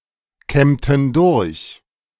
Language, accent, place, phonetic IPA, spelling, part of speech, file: German, Germany, Berlin, [ˌkɛmtn̩ ˈdʊʁç], kämmten durch, verb, De-kämmten durch.ogg
- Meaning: inflection of durchkämmen: 1. first/third-person plural preterite 2. first/third-person plural subjunctive II